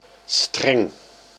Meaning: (adjective) strict, severe, rigorous, unbending, cruel; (noun) string, twined object, as most ropes or cords
- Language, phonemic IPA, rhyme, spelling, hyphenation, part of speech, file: Dutch, /strɛŋ/, -ɛŋ, streng, streng, adjective / noun, Nl-streng.ogg